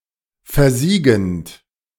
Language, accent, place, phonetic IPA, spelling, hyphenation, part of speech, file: German, Germany, Berlin, [fɛɐ̯ˈziːɡənt], versiegend, ver‧sie‧gend, verb, De-versiegend.ogg
- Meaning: present participle of versiegen